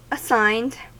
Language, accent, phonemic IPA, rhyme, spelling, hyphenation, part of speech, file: English, US, /əˈsaɪnd/, -aɪnd, assigned, as‧signed, adjective / verb, En-us-assigned.ogg
- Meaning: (adjective) Which has been assigned or designated for some purpose; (verb) simple past and past participle of assign